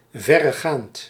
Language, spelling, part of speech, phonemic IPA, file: Dutch, verregaand, adjective, /ˈvɛrəˌɣant/, Nl-verregaand.ogg
- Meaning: far-reaching